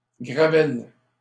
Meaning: 1. urinary calculus 2. tartrate (precipitations in wine)
- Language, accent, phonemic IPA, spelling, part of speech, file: French, Canada, /ɡʁa.vɛl/, gravelle, noun, LL-Q150 (fra)-gravelle.wav